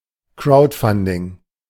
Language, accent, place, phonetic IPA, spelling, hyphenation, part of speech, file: German, Germany, Berlin, [ˈkraʊ̯dfandɪŋ], Crowdfunding, Crowd‧fun‧ding, noun, De-Crowdfunding.ogg
- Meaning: crowdfunding